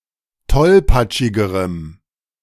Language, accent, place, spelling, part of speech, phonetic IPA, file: German, Germany, Berlin, tollpatschigerem, adjective, [ˈtɔlpat͡ʃɪɡəʁəm], De-tollpatschigerem.ogg
- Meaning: strong dative masculine/neuter singular comparative degree of tollpatschig